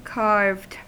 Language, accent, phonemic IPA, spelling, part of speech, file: English, US, /kɑɹvd/, carved, verb / adjective, En-us-carved.ogg
- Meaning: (verb) simple past and past participle of carve; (adjective) Of an object, made by carving